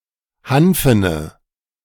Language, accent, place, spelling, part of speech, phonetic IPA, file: German, Germany, Berlin, hanfene, adjective, [ˈhanfənə], De-hanfene.ogg
- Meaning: inflection of hanfen: 1. strong/mixed nominative/accusative feminine singular 2. strong nominative/accusative plural 3. weak nominative all-gender singular 4. weak accusative feminine/neuter singular